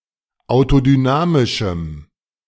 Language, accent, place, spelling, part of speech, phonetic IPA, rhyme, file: German, Germany, Berlin, autodynamischem, adjective, [aʊ̯todyˈnaːmɪʃm̩], -aːmɪʃm̩, De-autodynamischem.ogg
- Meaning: strong dative masculine/neuter singular of autodynamisch